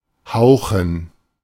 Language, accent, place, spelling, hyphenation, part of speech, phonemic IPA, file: German, Germany, Berlin, hauchen, hau‧chen, verb, /ˈhaʊ̯xn̩/, De-hauchen.ogg
- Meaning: 1. to whisper 2. to breathe out